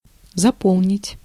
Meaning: 1. to fill (something to the end) 2. to fill in, to fill out (a form or a document)
- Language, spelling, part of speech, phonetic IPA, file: Russian, заполнить, verb, [zɐˈpoɫnʲɪtʲ], Ru-заполнить.ogg